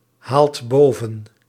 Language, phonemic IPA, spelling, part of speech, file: Dutch, /ˈhalt ˈbovə(n)/, haalt boven, verb, Nl-haalt boven.ogg
- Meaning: inflection of bovenhalen: 1. second/third-person singular present indicative 2. plural imperative